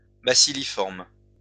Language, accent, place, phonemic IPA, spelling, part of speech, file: French, France, Lyon, /ba.si.li.fɔʁm/, bacilliforme, adjective, LL-Q150 (fra)-bacilliforme.wav
- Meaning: bacilliform (shaped like a bacillus; rod-shaped)